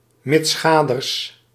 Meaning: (preposition) besides, together with, as well as; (adverb) besides, furthermore
- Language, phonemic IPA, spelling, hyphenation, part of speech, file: Dutch, /mɪtsˈxaː.dərs/, mitsgaders, mits‧ga‧ders, preposition / adverb, Nl-mitsgaders.ogg